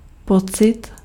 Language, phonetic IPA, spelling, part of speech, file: Czech, [ˈpot͡sɪt], pocit, noun, Cs-pocit.ogg
- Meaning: 1. feeling 2. sensation